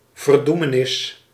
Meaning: 1. damnation, perdition 2. condemnation, guilty verdict
- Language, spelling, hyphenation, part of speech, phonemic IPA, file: Dutch, verdoemenis, ver‧doe‧me‧nis, noun, /vərˈdu.məˌnɪs/, Nl-verdoemenis.ogg